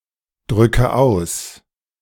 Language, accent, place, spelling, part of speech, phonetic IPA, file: German, Germany, Berlin, drücke aus, verb, [ˌdʁʏkə ˈaʊ̯s], De-drücke aus.ogg
- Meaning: inflection of ausdrücken: 1. first-person singular present 2. first/third-person singular subjunctive I 3. singular imperative